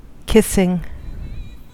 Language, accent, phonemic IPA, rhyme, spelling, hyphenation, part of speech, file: English, General American, /ˈkɪsɪŋ/, -ɪsɪŋ, kissing, kiss‧ing, verb / adjective / noun, En-us-kissing.ogg
- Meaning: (verb) present participle and gerund of kiss; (adjective) 1. That kisses; engaged in a kiss or kissing 2. Just touching; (noun) The act of giving a kiss or making out